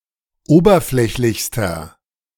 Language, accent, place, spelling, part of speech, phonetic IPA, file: German, Germany, Berlin, oberflächlichster, adjective, [ˈoːbɐˌflɛçlɪçstɐ], De-oberflächlichster.ogg
- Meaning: inflection of oberflächlich: 1. strong/mixed nominative masculine singular superlative degree 2. strong genitive/dative feminine singular superlative degree